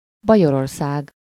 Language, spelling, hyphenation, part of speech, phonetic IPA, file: Hungarian, Bajorország, Ba‧jor‧or‧szág, proper noun, [ˈbɒjororsaːɡ], Hu-Bajorország.ogg
- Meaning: Bavaria (a historic region, former duchy, former kingdom, and modern state of Germany; the modern state includes parts of historical Swabia and Franconia as well as historical Bavaria)